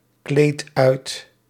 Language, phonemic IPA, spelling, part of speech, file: Dutch, /ˈklet ˈœyt/, kleed uit, verb, Nl-kleed uit.ogg
- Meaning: inflection of uitkleden: 1. first-person singular present indicative 2. second-person singular present indicative 3. imperative